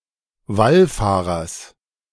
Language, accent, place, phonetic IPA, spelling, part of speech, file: German, Germany, Berlin, [ˈvalˌfaːʁɐs], Wallfahrers, noun, De-Wallfahrers.ogg
- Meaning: genitive singular of Wallfahrer